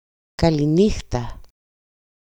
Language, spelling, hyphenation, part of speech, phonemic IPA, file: Greek, καληνύχτα, κα‧λη‧νύ‧χτα, interjection, /ka.liˈni.xta/, EL-καληνύχτα.ogg
- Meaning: goodnight!